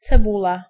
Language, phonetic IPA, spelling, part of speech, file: Polish, [t͡sɛˈbula], cebula, noun, Pl-cebula.ogg